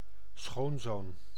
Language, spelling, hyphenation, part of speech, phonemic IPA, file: Dutch, schoonzoon, schoon‧zoon, noun, /ˈsxoːn.zoːn/, Nl-schoonzoon.ogg
- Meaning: son-in-law (male partner of one's child)